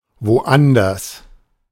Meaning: elsewhere, somewhere else
- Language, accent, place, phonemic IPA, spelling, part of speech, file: German, Germany, Berlin, /voˈʔandɐs/, woanders, adverb, De-woanders.ogg